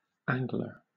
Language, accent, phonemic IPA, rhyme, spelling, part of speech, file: English, Southern England, /ˈæŋ.ɡlə(ɹ)/, -æŋɡlə(ɹ), angler, noun, LL-Q1860 (eng)-angler.wav
- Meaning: 1. A person who fishes with a hook and line 2. An anglerfish, Lophius piscatorius 3. Someone who tries to work an angle; a person who schemes or has an ulterior motive